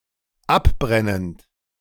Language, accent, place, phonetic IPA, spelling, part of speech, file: German, Germany, Berlin, [ˈapˌbʁɛnənt], abbrennend, verb, De-abbrennend.ogg
- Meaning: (verb) present participle of abbrennen; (adjective) 1. burnt, scorched 2. burnt away